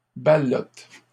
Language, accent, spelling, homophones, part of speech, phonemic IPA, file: French, Canada, ballote, ballotent / ballotes, noun / verb, /ba.lɔt/, LL-Q150 (fra)-ballote.wav
- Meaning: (noun) black horehound; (verb) inflection of balloter: 1. first/third-person singular present indicative/subjunctive 2. second-person singular imperative